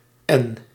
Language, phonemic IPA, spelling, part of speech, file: Dutch, /ɛn/, N, character / noun, Nl-N.ogg
- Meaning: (character) the fourteenth letter of the Dutch alphabet; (noun) abbreviation of noord; north